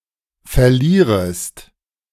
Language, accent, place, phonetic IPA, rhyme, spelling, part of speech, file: German, Germany, Berlin, [fɛɐ̯ˈliːʁəst], -iːʁəst, verlierest, verb, De-verlierest.ogg
- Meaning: second-person singular subjunctive I of verlieren